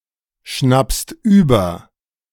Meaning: second-person singular present of überschnappen
- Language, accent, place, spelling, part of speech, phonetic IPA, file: German, Germany, Berlin, schnappst über, verb, [ˌʃnapst ˈyːbɐ], De-schnappst über.ogg